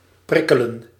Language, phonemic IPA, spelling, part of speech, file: Dutch, /ˈprɪkələn/, prikkelen, verb / noun, Nl-prikkelen.ogg
- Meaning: 1. to prick, prod 2. to sting, burn 3. to urge, provoke 4. to irritate, bother